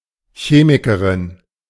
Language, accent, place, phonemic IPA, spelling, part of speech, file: German, Germany, Berlin, /ˈçeːmikɐʁɪn/, Chemikerin, noun, De-Chemikerin.ogg
- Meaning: chemist (female) (person working in chemistry)